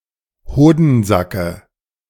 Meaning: dative singular of Hodensack
- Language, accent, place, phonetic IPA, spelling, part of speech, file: German, Germany, Berlin, [ˈhoːdn̩ˌzakə], Hodensacke, noun, De-Hodensacke.ogg